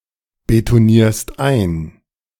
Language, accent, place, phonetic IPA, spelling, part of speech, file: German, Germany, Berlin, [betoˌniːɐ̯st ˈaɪ̯n], betonierst ein, verb, De-betonierst ein.ogg
- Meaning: second-person singular present of einbetonieren